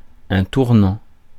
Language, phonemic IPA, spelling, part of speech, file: French, /tuʁ.nɑ̃/, tournant, verb / adjective / noun, Fr-tournant.ogg
- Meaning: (verb) present participle of tourner; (adjective) 1. turning 2. revolving (door) 3. swivel (chair); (noun) 1. bend, turn, corner 2. turning point